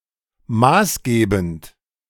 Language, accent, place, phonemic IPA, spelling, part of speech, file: German, Germany, Berlin, /ˈmaːsˌɡeːbn̩t/, maßgebend, adjective, De-maßgebend.ogg
- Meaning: authoritative